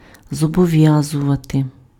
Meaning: to oblige, to bind
- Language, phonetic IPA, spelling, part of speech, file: Ukrainian, [zɔbɔˈʋjazʊʋɐte], зобов'язувати, verb, Uk-зобов'язувати.ogg